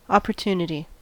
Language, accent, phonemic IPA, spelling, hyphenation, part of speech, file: English, US, /ˌɑ.pɚˈt(j)u.nə.ti/, opportunity, op‧por‧tun‧i‧ty, noun, En-us-opportunity.ogg
- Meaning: 1. A chance for advancement, progress or profit 2. A favorable circumstance or occasion 3. Opportuneness